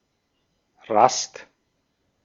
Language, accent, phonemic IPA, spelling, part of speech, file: German, Austria, /ʁast/, Rast, noun, De-at-Rast.ogg
- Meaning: rest, a pause, a halt; to stop a march, hike or journey for recreational purposes